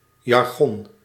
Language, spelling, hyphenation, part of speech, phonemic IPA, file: Dutch, jargon, jar‧gon, noun, /jɑrˈɣɔn/, Nl-jargon.ogg
- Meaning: jargon, specialised language